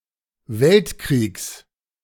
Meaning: genitive singular of Weltkrieg
- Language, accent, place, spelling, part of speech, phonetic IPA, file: German, Germany, Berlin, Weltkriegs, noun, [ˈvɛltˌkʁiːks], De-Weltkriegs.ogg